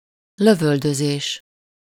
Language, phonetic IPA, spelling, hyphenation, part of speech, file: Hungarian, [ˈløvøldøzeːʃ], lövöldözés, lö‧völ‧dö‧zés, noun, Hu-lövöldözés.ogg
- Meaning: verbal noun of lövöldözik: shooting (incident involving use of a firearm)